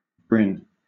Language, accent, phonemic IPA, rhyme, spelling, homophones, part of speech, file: English, Southern England, /ˈbɹɪn/, -ɪn, brin, Bryn, noun, LL-Q1860 (eng)-brin.wav
- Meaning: 1. One of the radiating sticks of a fan. The outermost are larger and longer, and are called panaches 2. A single silkworm thread extruded from the gland, before it has formed a bave